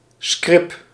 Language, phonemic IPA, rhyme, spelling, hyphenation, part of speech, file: Dutch, /skrɪp/, -ɪp, scrip, scrip, noun, Nl-scrip.ogg
- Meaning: scrip (share certificate)